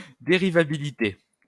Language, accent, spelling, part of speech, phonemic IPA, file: French, France, dérivabilité, noun, /de.ʁi.va.bi.li.te/, LL-Q150 (fra)-dérivabilité.wav
- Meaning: differentiability